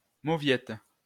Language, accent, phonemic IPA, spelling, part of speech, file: French, France, /mo.vjɛt/, mauviette, noun, LL-Q150 (fra)-mauviette.wav
- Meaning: 1. Eurasian skylark (Alauda arvensis) 2. wimp, candy-ass